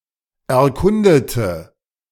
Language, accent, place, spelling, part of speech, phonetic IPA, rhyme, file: German, Germany, Berlin, erkundete, adjective / verb, [ɛɐ̯ˈkʊndətə], -ʊndətə, De-erkundete.ogg
- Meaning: inflection of erkunden: 1. first/third-person singular preterite 2. first/third-person singular subjunctive II